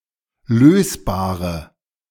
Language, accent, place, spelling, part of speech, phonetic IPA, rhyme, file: German, Germany, Berlin, lösbare, adjective, [ˈløːsbaːʁə], -øːsbaːʁə, De-lösbare.ogg
- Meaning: inflection of lösbar: 1. strong/mixed nominative/accusative feminine singular 2. strong nominative/accusative plural 3. weak nominative all-gender singular 4. weak accusative feminine/neuter singular